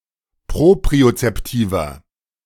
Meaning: inflection of propriozeptiv: 1. strong/mixed nominative masculine singular 2. strong genitive/dative feminine singular 3. strong genitive plural
- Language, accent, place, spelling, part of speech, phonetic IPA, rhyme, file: German, Germany, Berlin, propriozeptiver, adjective, [ˌpʁopʁiot͡sɛpˈtiːvɐ], -iːvɐ, De-propriozeptiver.ogg